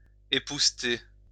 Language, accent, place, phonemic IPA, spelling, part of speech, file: French, France, Lyon, /e.pus.te/, épousseter, verb, LL-Q150 (fra)-épousseter.wav
- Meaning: to dust